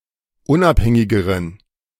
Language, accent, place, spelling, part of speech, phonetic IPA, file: German, Germany, Berlin, unabhängigeren, adjective, [ˈʊnʔapˌhɛŋɪɡəʁən], De-unabhängigeren.ogg
- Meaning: inflection of unabhängig: 1. strong genitive masculine/neuter singular comparative degree 2. weak/mixed genitive/dative all-gender singular comparative degree